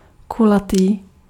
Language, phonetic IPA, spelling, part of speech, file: Czech, [ˈkulatiː], kulatý, adjective, Cs-kulatý.ogg
- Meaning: round